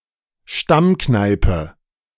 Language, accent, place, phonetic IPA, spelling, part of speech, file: German, Germany, Berlin, [ˈʃtamˌknaɪ̯pə], Stammkneipe, noun, De-Stammkneipe.ogg
- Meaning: local, hangout (someone's nearest or regularly frequented public house or bar)